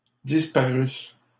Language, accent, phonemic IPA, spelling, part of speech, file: French, Canada, /dis.pa.ʁys/, disparusse, verb, LL-Q150 (fra)-disparusse.wav
- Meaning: first-person singular imperfect subjunctive of disparaître